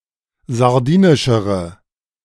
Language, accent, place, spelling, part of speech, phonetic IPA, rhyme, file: German, Germany, Berlin, sardinischere, adjective, [zaʁˈdiːnɪʃəʁə], -iːnɪʃəʁə, De-sardinischere.ogg
- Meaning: inflection of sardinisch: 1. strong/mixed nominative/accusative feminine singular comparative degree 2. strong nominative/accusative plural comparative degree